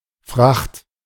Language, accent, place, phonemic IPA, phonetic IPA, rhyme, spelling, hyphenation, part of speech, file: German, Germany, Berlin, /fraxt/, [fʁäχt], -axt, Fracht, Fracht, noun, De-Fracht.ogg
- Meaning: 1. freight, cargo 2. fare, the price paid for conveyance